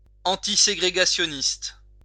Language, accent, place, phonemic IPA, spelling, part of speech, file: French, France, Lyon, /ɑ̃.ti.se.ɡʁe.ɡa.sjɔ.nist/, antiségrégationniste, adjective, LL-Q150 (fra)-antiségrégationniste.wav
- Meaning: antisegregationist